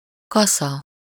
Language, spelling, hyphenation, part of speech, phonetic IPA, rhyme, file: Hungarian, kasza, ka‧sza, noun, [ˈkɒsɒ], -sɒ, Hu-kasza.ogg
- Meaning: scythe (an instrument for mowing grass, grain, etc. by hand, composed of a long, curving blade with a sharp concave edge)